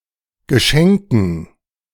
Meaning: dative plural of Geschenk
- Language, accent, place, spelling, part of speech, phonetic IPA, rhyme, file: German, Germany, Berlin, Geschenken, noun, [ɡəˈʃɛŋkn̩], -ɛŋkn̩, De-Geschenken.ogg